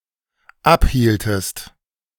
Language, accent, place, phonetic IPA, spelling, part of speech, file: German, Germany, Berlin, [ˈapˌhiːltəst], abhieltest, verb, De-abhieltest.ogg
- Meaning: inflection of abhalten: 1. second-person singular dependent preterite 2. second-person singular dependent subjunctive II